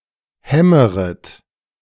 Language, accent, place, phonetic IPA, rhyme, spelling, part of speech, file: German, Germany, Berlin, [ˈhɛməʁət], -ɛməʁət, hämmeret, verb, De-hämmeret.ogg
- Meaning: second-person plural subjunctive I of hämmern